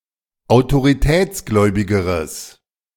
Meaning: strong/mixed nominative/accusative neuter singular comparative degree of autoritätsgläubig
- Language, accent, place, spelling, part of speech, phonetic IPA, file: German, Germany, Berlin, autoritätsgläubigeres, adjective, [aʊ̯toʁiˈtɛːt͡sˌɡlɔɪ̯bɪɡəʁəs], De-autoritätsgläubigeres.ogg